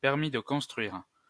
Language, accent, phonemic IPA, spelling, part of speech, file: French, France, /pɛʁ.mi d(ə) kɔ̃s.tʁɥiʁ/, permis de construire, noun, LL-Q150 (fra)-permis de construire.wav
- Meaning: planning permission, building permit